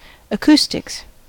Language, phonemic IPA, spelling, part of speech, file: English, /əˈkuː.stɪks/, acoustics, noun, En-us-acoustics.ogg
- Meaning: 1. The science of sounds, teaching their nature, phenomena and laws 2. The properties of a space that affect how sound carries 3. plural of acoustic